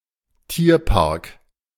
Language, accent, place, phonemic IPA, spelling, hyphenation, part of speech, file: German, Germany, Berlin, /ˈtiːɐ̯paʁk/, Tierpark, Tier‧park, noun, De-Tierpark.ogg
- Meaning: zoo (park where live animals are exhibited)